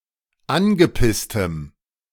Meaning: strong dative masculine/neuter singular of angepisst
- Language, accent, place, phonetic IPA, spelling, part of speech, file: German, Germany, Berlin, [ˈanɡəˌpɪstəm], angepisstem, adjective, De-angepisstem.ogg